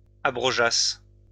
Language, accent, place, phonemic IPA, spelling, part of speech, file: French, France, Lyon, /a.bʁɔ.ʒas/, abrogeassent, verb, LL-Q150 (fra)-abrogeassent.wav
- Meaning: third-person plural imperfect subjunctive of abroger